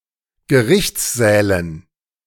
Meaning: dative plural of Gerichtssaal
- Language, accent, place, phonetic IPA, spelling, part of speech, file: German, Germany, Berlin, [ɡəˈʁɪçt͡sˌzɛːlən], Gerichtssälen, noun, De-Gerichtssälen.ogg